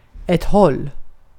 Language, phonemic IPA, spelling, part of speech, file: Swedish, /hɔl/, håll, noun / verb, Sv-håll.ogg
- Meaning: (noun) 1. a direction 2. a direction: via; through; in the direction of; towards 3. a range, a distance 4. a stitch (stinging pain under the lower edge of the rib cage brought on by exercise)